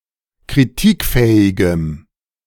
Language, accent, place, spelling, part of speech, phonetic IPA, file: German, Germany, Berlin, kritikfähigem, adjective, [kʁiˈtiːkˌfɛːɪɡəm], De-kritikfähigem.ogg
- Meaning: strong dative masculine/neuter singular of kritikfähig